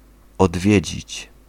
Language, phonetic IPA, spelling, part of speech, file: Polish, [ɔdˈvʲjɛ̇d͡ʑit͡ɕ], odwiedzić, verb, Pl-odwiedzić.ogg